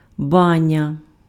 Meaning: 1. bath 2. bathhouse 3. Turkish bath, steam bath 4. dome, cupola
- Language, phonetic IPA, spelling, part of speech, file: Ukrainian, [ˈbanʲɐ], баня, noun, Uk-баня.ogg